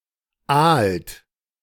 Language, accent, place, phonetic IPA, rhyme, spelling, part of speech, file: German, Germany, Berlin, [aːlt], -aːlt, aalt, verb, De-aalt.ogg
- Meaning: inflection of aalen: 1. third-person singular present 2. second-person plural present 3. plural imperative